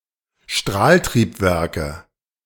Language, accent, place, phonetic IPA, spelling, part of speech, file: German, Germany, Berlin, [ˈʃtʁaːltʁiːpˌvɛʁkə], Strahltriebwerke, noun, De-Strahltriebwerke.ogg
- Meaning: nominative/accusative/genitive plural of Strahltriebwerk